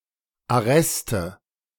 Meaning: 1. nominative/accusative/genitive plural of Arrest 2. dative singular of Arrest
- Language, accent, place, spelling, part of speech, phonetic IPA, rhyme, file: German, Germany, Berlin, Arreste, noun, [aˈʁɛstə], -ɛstə, De-Arreste.ogg